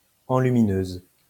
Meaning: female equivalent of enlumineur
- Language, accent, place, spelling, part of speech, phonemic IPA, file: French, France, Lyon, enlumineuse, noun, /ɑ̃.ly.mi.nøz/, LL-Q150 (fra)-enlumineuse.wav